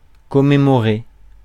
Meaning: to commemorate
- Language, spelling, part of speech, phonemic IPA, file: French, commémorer, verb, /kɔ.me.mɔ.ʁe/, Fr-commémorer.ogg